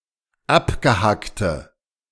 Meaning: inflection of abgehackt: 1. strong/mixed nominative/accusative feminine singular 2. strong nominative/accusative plural 3. weak nominative all-gender singular
- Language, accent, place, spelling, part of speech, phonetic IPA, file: German, Germany, Berlin, abgehackte, adjective, [ˈapɡəˌhaktə], De-abgehackte.ogg